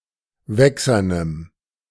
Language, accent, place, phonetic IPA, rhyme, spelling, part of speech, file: German, Germany, Berlin, [ˈvɛksɐnəm], -ɛksɐnəm, wächsernem, adjective, De-wächsernem.ogg
- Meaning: strong dative masculine/neuter singular of wächsern